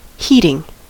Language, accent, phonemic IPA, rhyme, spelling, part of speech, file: English, US, /ˈhiːtɪŋ/, -iːtɪŋ, heating, noun / adjective / verb, En-us-heating.ogg
- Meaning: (noun) 1. A system that raises the temperature of a room or building. Compare heater 2. The act of making something hot; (adjective) Causing heat; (verb) present participle and gerund of heat